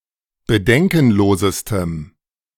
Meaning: strong dative masculine/neuter singular superlative degree of bedenkenlos
- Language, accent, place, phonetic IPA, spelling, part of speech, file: German, Germany, Berlin, [bəˈdɛŋkn̩ˌloːzəstəm], bedenkenlosestem, adjective, De-bedenkenlosestem.ogg